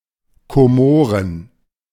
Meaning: Comoros (a country and group of islands in the Indian Ocean off the coast of East Africa)
- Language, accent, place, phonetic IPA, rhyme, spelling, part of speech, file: German, Germany, Berlin, [koˈmoːʁən], -oːʁən, Komoren, proper noun, De-Komoren.ogg